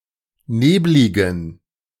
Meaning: inflection of neblig: 1. strong genitive masculine/neuter singular 2. weak/mixed genitive/dative all-gender singular 3. strong/weak/mixed accusative masculine singular 4. strong dative plural
- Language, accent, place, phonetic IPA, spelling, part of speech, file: German, Germany, Berlin, [ˈneːblɪɡn̩], nebligen, adjective, De-nebligen.ogg